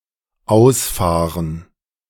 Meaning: 1. to go out 2. to drive out
- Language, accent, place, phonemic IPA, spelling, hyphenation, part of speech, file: German, Germany, Berlin, /ˈaʊ̯sˌfaːʁən/, ausfahren, aus‧fah‧ren, verb, De-ausfahren.ogg